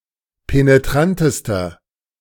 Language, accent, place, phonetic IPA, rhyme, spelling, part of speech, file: German, Germany, Berlin, [peneˈtʁantəstɐ], -antəstɐ, penetrantester, adjective, De-penetrantester.ogg
- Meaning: inflection of penetrant: 1. strong/mixed nominative masculine singular superlative degree 2. strong genitive/dative feminine singular superlative degree 3. strong genitive plural superlative degree